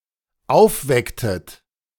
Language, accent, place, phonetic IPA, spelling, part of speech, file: German, Germany, Berlin, [ˈaʊ̯fˌvɛktət], aufwecktet, verb, De-aufwecktet.ogg
- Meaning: inflection of aufwecken: 1. second-person plural dependent preterite 2. second-person plural dependent subjunctive II